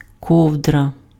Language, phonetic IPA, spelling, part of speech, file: Ukrainian, [ˈkɔu̯drɐ], ковдра, noun, Uk-ковдра.ogg
- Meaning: cover, blanket